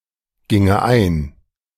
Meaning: first/third-person singular subjunctive II of eingehen
- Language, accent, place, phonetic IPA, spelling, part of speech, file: German, Germany, Berlin, [ˌɡɪŋə ˈaɪ̯n], ginge ein, verb, De-ginge ein.ogg